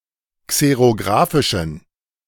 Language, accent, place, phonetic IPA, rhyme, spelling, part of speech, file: German, Germany, Berlin, [ˌkseʁoˈɡʁaːfɪʃn̩], -aːfɪʃn̩, xerografischen, adjective, De-xerografischen.ogg
- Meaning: inflection of xerografisch: 1. strong genitive masculine/neuter singular 2. weak/mixed genitive/dative all-gender singular 3. strong/weak/mixed accusative masculine singular 4. strong dative plural